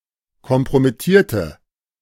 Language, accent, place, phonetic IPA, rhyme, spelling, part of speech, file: German, Germany, Berlin, [kɔmpʁomɪˈtiːɐ̯tə], -iːɐ̯tə, kompromittierte, adjective / verb, De-kompromittierte.ogg
- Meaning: inflection of kompromittieren: 1. first/third-person singular preterite 2. first/third-person singular subjunctive II